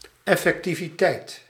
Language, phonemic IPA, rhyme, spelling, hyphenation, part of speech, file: Dutch, /ˌɛ.fɛk.ti.viˈtɛi̯t/, -ɛi̯t, effectiviteit, ef‧fec‧ti‧vi‧teit, noun, Nl-effectiviteit.ogg
- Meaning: effectiveness